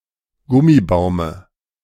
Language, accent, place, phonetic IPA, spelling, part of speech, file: German, Germany, Berlin, [ˈɡʊmiˌbaʊ̯mə], Gummibaume, noun, De-Gummibaume.ogg
- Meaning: dative singular of Gummibaum